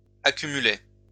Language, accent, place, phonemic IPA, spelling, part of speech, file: French, France, Lyon, /a.ky.my.lɛ/, accumulaient, verb, LL-Q150 (fra)-accumulaient.wav
- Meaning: third-person plural imperfect indicative of accumuler